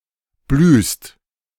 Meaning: second-person singular present of blühen
- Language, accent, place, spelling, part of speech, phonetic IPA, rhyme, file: German, Germany, Berlin, blühst, verb, [blyːst], -yːst, De-blühst.ogg